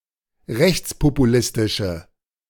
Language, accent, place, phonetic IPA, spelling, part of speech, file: German, Germany, Berlin, [ˈʁɛçt͡spopuˌlɪstɪʃə], rechtspopulistische, adjective, De-rechtspopulistische.ogg
- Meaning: inflection of rechtspopulistisch: 1. strong/mixed nominative/accusative feminine singular 2. strong nominative/accusative plural 3. weak nominative all-gender singular